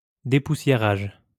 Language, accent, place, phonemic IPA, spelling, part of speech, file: French, France, Lyon, /de.pu.sje.ʁaʒ/, dépoussiérage, noun, LL-Q150 (fra)-dépoussiérage.wav
- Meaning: 1. the act of dusting, vacuum-cleaning 2. the act of updating, making current